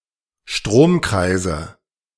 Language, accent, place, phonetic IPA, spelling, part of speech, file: German, Germany, Berlin, [ˈʃtʁoːmˌkʁaɪ̯zə], Stromkreise, noun, De-Stromkreise.ogg
- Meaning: nominative/accusative/genitive plural of Stromkreis